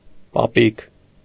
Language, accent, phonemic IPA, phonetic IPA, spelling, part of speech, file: Armenian, Eastern Armenian, /pɑˈpik/, [pɑpík], պապիկ, noun, Hy-պապիկ.ogg
- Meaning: grandpa